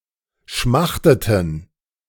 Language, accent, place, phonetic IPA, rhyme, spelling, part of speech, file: German, Germany, Berlin, [ˈʃmaxtətn̩], -axtətn̩, schmachteten, verb, De-schmachteten.ogg
- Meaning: inflection of schmachten: 1. first/third-person plural preterite 2. first/third-person plural subjunctive II